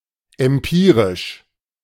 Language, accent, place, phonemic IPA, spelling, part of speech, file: German, Germany, Berlin, /ɛmˈpiː.ʁɪʃ/, empirisch, adjective, De-empirisch.ogg
- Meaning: empirical